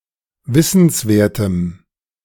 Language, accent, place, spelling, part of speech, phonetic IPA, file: German, Germany, Berlin, wissenswertem, adjective, [ˈvɪsn̩sˌveːɐ̯təm], De-wissenswertem.ogg
- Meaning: strong dative masculine/neuter singular of wissenswert